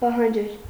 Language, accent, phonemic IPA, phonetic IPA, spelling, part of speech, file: Armenian, Eastern Armenian, /pɑhɑnˈd͡ʒel/, [pɑhɑnd͡ʒél], պահանջել, verb, Hy-պահանջել.ogg
- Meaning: to demand, require